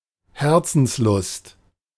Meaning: heart's desire
- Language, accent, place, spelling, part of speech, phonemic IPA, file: German, Germany, Berlin, Herzenslust, noun, /ˈhɛʁt͡sn̩sˌlʊst/, De-Herzenslust.ogg